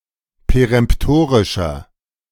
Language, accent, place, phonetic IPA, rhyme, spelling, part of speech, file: German, Germany, Berlin, [peʁɛmpˈtoːʁɪʃɐ], -oːʁɪʃɐ, peremptorischer, adjective, De-peremptorischer.ogg
- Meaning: inflection of peremptorisch: 1. strong/mixed nominative masculine singular 2. strong genitive/dative feminine singular 3. strong genitive plural